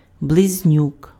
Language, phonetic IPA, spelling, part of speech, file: Ukrainian, [bɫezʲˈnʲuk], близнюк, noun, Uk-близнюк.ogg
- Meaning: male twin